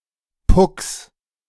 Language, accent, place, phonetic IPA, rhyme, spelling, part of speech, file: German, Germany, Berlin, [pʊks], -ʊks, Pucks, noun, De-Pucks.ogg
- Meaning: 1. genitive singular of Puck 2. plural of Puck